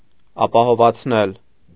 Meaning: 1. causative of ապահովանալ (apahovanal) 2. to assure, to insure, to guarantee
- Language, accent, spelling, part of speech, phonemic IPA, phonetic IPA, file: Armenian, Eastern Armenian, ապահովացնել, verb, /ɑpɑhovɑt͡sʰˈnel/, [ɑpɑhovɑt͡sʰnél], Hy-ապահովացնել.ogg